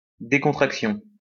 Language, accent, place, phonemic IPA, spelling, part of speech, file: French, France, Lyon, /de.kɔ̃.tʁak.sjɔ̃/, décontraction, noun, LL-Q150 (fra)-décontraction.wav
- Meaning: 1. laid-back attitude 2. relaxation (of muscles)